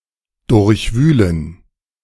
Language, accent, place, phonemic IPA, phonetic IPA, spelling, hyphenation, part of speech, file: German, Germany, Berlin, /dʊʁçˈvyːlən/, [dʊɐ̯çˈvyːln], durchwühlen, durch‧wüh‧len, verb, De-durchwühlen.ogg
- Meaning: to ransack